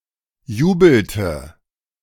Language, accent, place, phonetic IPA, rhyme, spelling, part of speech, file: German, Germany, Berlin, [ˈjuːbl̩tə], -uːbl̩tə, jubelte, verb, De-jubelte.ogg
- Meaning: inflection of jubeln: 1. first/third-person singular preterite 2. first/third-person singular subjunctive II